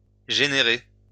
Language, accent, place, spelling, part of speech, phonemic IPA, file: French, France, Lyon, générer, verb, /ʒe.ne.ʁe/, LL-Q150 (fra)-générer.wav
- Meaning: to generate